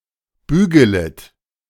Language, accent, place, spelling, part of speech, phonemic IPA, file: German, Germany, Berlin, bügelet, verb, /ˈbyːɡələt/, De-bügelet.ogg
- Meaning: second-person plural subjunctive I of bügeln